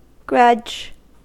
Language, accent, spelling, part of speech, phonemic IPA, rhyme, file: English, US, grudge, noun / verb, /ɡɹʌd͡ʒ/, -ʌdʒ, En-us-grudge.ogg
- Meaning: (noun) Deep-seated and/or long-term animosity or ill will about something or someone, especially due to perceived mistreatment; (verb) To be unwilling to give or allow (someone something)